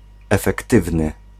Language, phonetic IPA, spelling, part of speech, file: Polish, [ˌɛfɛkˈtɨvnɨ], efektywny, adjective, Pl-efektywny.ogg